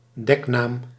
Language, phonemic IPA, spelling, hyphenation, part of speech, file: Dutch, /ˈdɛk.naːm/, deknaam, dek‧naam, noun, Nl-deknaam.ogg
- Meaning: pseudonym